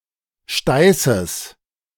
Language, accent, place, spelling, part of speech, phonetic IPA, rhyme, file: German, Germany, Berlin, Steißes, noun, [ˈʃtaɪ̯səs], -aɪ̯səs, De-Steißes.ogg
- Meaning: genitive singular of Steiß